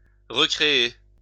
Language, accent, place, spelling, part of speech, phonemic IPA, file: French, France, Lyon, récréer, verb, /ʁe.kʁe.e/, LL-Q150 (fra)-récréer.wav
- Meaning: to rejoice, celebrate, entertain